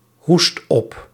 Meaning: inflection of ophoesten: 1. first/second/third-person singular present indicative 2. imperative
- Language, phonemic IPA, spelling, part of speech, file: Dutch, /ˈhust ˈɔp/, hoest op, verb, Nl-hoest op.ogg